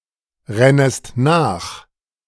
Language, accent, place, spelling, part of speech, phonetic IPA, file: German, Germany, Berlin, rennest nach, verb, [ˌʁɛnəst ˈnaːx], De-rennest nach.ogg
- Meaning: second-person singular subjunctive I of nachrennen